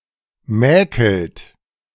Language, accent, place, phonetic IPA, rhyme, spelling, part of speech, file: German, Germany, Berlin, [ˈmɛːkl̩t], -ɛːkl̩t, mäkelt, verb, De-mäkelt.ogg
- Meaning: inflection of mäkeln: 1. second-person plural present 2. third-person singular present 3. plural imperative